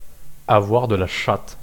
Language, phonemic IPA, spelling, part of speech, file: French, /a.vwaʁ də la ʃat/, avoir de la chatte, verb, Fr-avoir de la chatte.wav
- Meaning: to be damn lucky, to be jammy, to be a jammy git